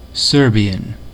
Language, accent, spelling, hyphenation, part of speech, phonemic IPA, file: English, US, Serbian, Ser‧bi‧an, adjective / noun, /ˈsɜɹ.bi.ən/, En-us-Serbian.ogg
- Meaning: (adjective) Of or pertaining to Serbia, the Serbian people or their language; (noun) 1. A native or inhabitant of Serbia 2. A Serb